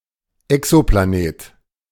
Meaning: exoplanet
- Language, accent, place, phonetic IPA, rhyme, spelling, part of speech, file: German, Germany, Berlin, [ˌɛksoplaˈneːt], -eːt, Exoplanet, noun, De-Exoplanet.ogg